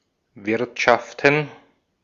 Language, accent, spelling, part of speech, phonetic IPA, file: German, Austria, Wirtschaften, noun, [ˈvɪʁtʃaftn̩], De-at-Wirtschaften.ogg
- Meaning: plural of Wirtschaft